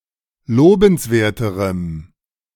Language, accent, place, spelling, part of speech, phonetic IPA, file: German, Germany, Berlin, lobenswerterem, adjective, [ˈloːbn̩sˌveːɐ̯təʁəm], De-lobenswerterem.ogg
- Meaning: strong dative masculine/neuter singular comparative degree of lobenswert